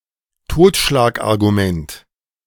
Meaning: thought-terminating cliché
- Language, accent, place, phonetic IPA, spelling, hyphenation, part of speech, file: German, Germany, Berlin, [ˈtoːtʃlaːkʔaʁɡuˌmɛnt], Totschlagargument, Tot‧schlag‧ar‧gu‧ment, noun, De-Totschlagargument.ogg